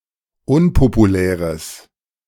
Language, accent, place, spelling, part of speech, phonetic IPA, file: German, Germany, Berlin, unpopuläres, adjective, [ˈʊnpopuˌlɛːʁəs], De-unpopuläres.ogg
- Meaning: strong/mixed nominative/accusative neuter singular of unpopulär